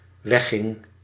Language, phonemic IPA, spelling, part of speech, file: Dutch, /ˈwɛxɪŋ/, wegging, verb, Nl-wegging.ogg
- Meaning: singular dependent-clause past indicative of weggaan